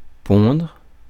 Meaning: 1. to lay (eggs) 2. to give birth
- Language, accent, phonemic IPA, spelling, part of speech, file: French, France, /pɔ̃dʁ/, pondre, verb, Fr-pondre.ogg